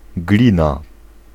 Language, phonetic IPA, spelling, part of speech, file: Polish, [ˈɡlʲĩna], glina, noun, Pl-glina.ogg